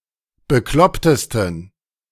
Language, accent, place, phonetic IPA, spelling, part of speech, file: German, Germany, Berlin, [bəˈklɔptəstn̩], beklopptesten, adjective, De-beklopptesten.ogg
- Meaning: 1. superlative degree of bekloppt 2. inflection of bekloppt: strong genitive masculine/neuter singular superlative degree